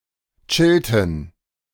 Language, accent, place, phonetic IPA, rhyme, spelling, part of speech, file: German, Germany, Berlin, [ˈt͡ʃɪltn̩], -ɪltn̩, chillten, verb, De-chillten.ogg
- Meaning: inflection of chillen: 1. first/third-person plural preterite 2. first/third-person plural subjunctive II